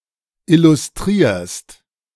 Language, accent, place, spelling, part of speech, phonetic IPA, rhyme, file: German, Germany, Berlin, illustrierst, verb, [ˌɪlʊsˈtʁiːɐ̯st], -iːɐ̯st, De-illustrierst.ogg
- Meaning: second-person singular present of illustrieren